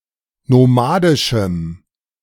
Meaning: strong dative masculine/neuter singular of nomadisch
- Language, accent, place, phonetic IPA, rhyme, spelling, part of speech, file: German, Germany, Berlin, [noˈmaːdɪʃm̩], -aːdɪʃm̩, nomadischem, adjective, De-nomadischem.ogg